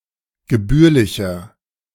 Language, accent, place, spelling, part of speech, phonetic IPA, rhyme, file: German, Germany, Berlin, gebührlicher, adjective, [ɡəˈbyːɐ̯lɪçɐ], -yːɐ̯lɪçɐ, De-gebührlicher.ogg
- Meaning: 1. comparative degree of gebührlich 2. inflection of gebührlich: strong/mixed nominative masculine singular 3. inflection of gebührlich: strong genitive/dative feminine singular